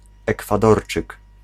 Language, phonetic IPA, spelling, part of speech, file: Polish, [ˌɛkfaˈdɔrt͡ʃɨk], Ekwadorczyk, noun, Pl-Ekwadorczyk.ogg